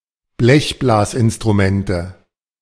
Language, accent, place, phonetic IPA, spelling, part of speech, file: German, Germany, Berlin, [ˈblɛçblaːsʔɪnstʁuˌmɛntə], Blechblasinstrumente, noun, De-Blechblasinstrumente.ogg
- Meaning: nominative/accusative/genitive plural of Blechblasinstrument